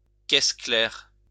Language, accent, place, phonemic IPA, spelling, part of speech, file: French, France, Lyon, /kɛs klɛʁ/, caisse claire, noun, LL-Q150 (fra)-caisse claire.wav
- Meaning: snare drum, snare, side drum